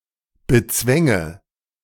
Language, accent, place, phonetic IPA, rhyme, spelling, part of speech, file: German, Germany, Berlin, [bəˈt͡svɛŋə], -ɛŋə, bezwänge, verb, De-bezwänge.ogg
- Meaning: first/third-person singular subjunctive II of bezwingen